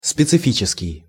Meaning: specific, particular
- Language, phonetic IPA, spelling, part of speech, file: Russian, [spʲɪt͡sɨˈfʲit͡ɕɪskʲɪj], специфический, adjective, Ru-специфический.ogg